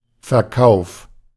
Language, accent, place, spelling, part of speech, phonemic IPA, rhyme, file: German, Germany, Berlin, Verkauf, noun, /fɛɐ̯ˈkaʊ̯f/, -aʊ̯f, De-Verkauf.ogg
- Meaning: sale